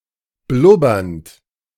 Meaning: present participle of blubbern
- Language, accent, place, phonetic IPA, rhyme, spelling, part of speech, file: German, Germany, Berlin, [ˈblʊbɐnt], -ʊbɐnt, blubbernd, verb, De-blubbernd.ogg